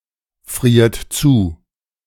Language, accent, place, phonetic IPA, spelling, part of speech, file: German, Germany, Berlin, [ˌfʁiːɐ̯t ˈt͡suː], friert zu, verb, De-friert zu.ogg
- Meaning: inflection of zufrieren: 1. third-person singular present 2. second-person plural present 3. plural imperative